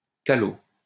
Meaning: Caló; Romani; gypsy
- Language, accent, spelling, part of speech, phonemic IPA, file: French, France, calo, noun, /ka.lo/, LL-Q150 (fra)-calo.wav